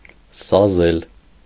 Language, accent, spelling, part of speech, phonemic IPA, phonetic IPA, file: Armenian, Eastern Armenian, սազել, verb, /sɑˈzel/, [sɑzél], Hy-սազել.ogg
- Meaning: to fit, suit, become (especially of clothes)